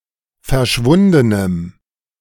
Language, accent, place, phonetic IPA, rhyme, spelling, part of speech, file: German, Germany, Berlin, [fɛɐ̯ˈʃvʊndənəm], -ʊndənəm, verschwundenem, adjective, De-verschwundenem.ogg
- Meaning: strong dative masculine/neuter singular of verschwunden